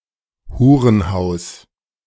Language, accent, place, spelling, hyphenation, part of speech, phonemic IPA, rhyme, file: German, Germany, Berlin, Hurenhaus, Hu‧ren‧haus, noun, /ˈhuːʁənˌhaʊ̯s/, -aʊ̯s, De-Hurenhaus.ogg
- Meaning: brothel (house of prostitution)